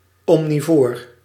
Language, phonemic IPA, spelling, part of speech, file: Dutch, /ˌɔmniˈvor/, omnivoor, noun / adjective, Nl-omnivoor.ogg
- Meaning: omnivore, creature eating both plants and animals